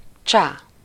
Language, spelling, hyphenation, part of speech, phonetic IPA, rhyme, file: Hungarian, csá, csá, interjection, [ˈt͡ʃaː], -t͡ʃaː, Hu-csá.ogg
- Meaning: bye, hi, ciao